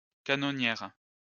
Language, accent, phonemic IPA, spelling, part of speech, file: French, France, /ka.nɔ.njɛʁ/, canonnière, noun, LL-Q150 (fra)-canonnière.wav
- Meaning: gunboat